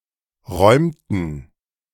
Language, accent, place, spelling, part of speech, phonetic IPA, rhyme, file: German, Germany, Berlin, räumten, verb, [ˈʁɔɪ̯mtn̩], -ɔɪ̯mtn̩, De-räumten.ogg
- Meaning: inflection of räumen: 1. first/third-person plural preterite 2. first/third-person plural subjunctive II